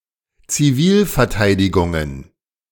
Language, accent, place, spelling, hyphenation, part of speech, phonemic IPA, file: German, Germany, Berlin, Zivilverteidigungen, Zi‧vil‧ver‧tei‧di‧gun‧gen, noun, /t͡siˈviːlfɛɐ̯ˌtaɪ̯dɪɡʊŋən/, De-Zivilverteidigungen.ogg
- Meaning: plural of Zivilverteidigung